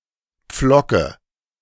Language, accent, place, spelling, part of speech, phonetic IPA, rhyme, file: German, Germany, Berlin, Pflocke, noun, [ˈp͡flɔkə], -ɔkə, De-Pflocke.ogg
- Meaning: dative of Pflock